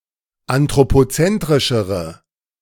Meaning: inflection of anthropozentrisch: 1. strong/mixed nominative/accusative feminine singular comparative degree 2. strong nominative/accusative plural comparative degree
- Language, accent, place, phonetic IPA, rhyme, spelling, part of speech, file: German, Germany, Berlin, [antʁopoˈt͡sɛntʁɪʃəʁə], -ɛntʁɪʃəʁə, anthropozentrischere, adjective, De-anthropozentrischere.ogg